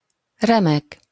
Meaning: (adjective) superb, splendid, glorious, magnificent; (noun) masterpiece, masterwork; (interjection) great! splendid! (expression of gladness about something)
- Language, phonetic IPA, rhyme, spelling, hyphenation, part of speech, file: Hungarian, [ˈrɛmɛk], -ɛk, remek, re‧mek, adjective / noun / interjection, Hu-remek.opus